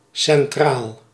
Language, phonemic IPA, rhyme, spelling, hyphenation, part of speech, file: Dutch, /sɛnˈtraːl/, -aːl, centraal, cen‧traal, adjective, Nl-centraal.ogg
- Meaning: central, being in the centre